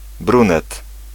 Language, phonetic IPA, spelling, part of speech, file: Polish, [ˈbrũnɛt], brunet, noun, Pl-brunet.ogg